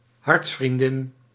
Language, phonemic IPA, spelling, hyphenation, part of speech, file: Dutch, /ˈɦɑrts.frinˌdɪn/, hartsvriendin, harts‧vrien‧din, noun, Nl-hartsvriendin.ogg
- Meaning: intimate female friend